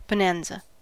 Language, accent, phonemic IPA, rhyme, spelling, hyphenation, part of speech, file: English, US, /bəˈnæn.zə/, -ænzə, bonanza, bo‧nan‧za, noun, En-us-bonanza.ogg
- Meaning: 1. A rich mine or vein of silver or gold 2. The point at which two mother lodes intersect 3. Anything which is a great source of wealth or yields a large income or return